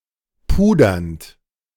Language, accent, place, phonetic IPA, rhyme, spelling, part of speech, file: German, Germany, Berlin, [ˈpuːdɐnt], -uːdɐnt, pudernd, verb, De-pudernd.ogg
- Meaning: present participle of pudern